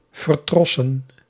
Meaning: to increasingly focus on entertainment over educative television and radio and lose one's distinctive (ideological or religious) character
- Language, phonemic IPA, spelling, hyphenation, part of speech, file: Dutch, /vərˈtrɔ.sə(n)/, vertrossen, ver‧tros‧sen, noun, Nl-vertrossen.ogg